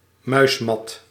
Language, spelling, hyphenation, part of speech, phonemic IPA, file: Dutch, muismat, muis‧mat, noun, /ˈmœy̯smɑt/, Nl-muismat.ogg
- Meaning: mouse mat